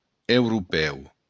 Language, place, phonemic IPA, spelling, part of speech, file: Occitan, Béarn, /ewɾuˈpɛw/, europèu, adjective, LL-Q14185 (oci)-europèu.wav
- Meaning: European